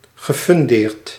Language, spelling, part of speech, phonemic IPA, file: Dutch, gefundeerd, verb, /ɣəfʏnˈdert/, Nl-gefundeerd.ogg
- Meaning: past participle of funderen